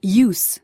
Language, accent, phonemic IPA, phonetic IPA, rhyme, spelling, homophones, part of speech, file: English, US, /juz/, [jɪu̯z], -uːz, use, ewes / yous / youse, verb, En-us-use.ogg
- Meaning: To utilize or employ.: 1. To employ; to apply; to utilize 2. To expend; to consume by employing 3. To exploit 4. To consume (alcohol, drugs, etc), especially regularly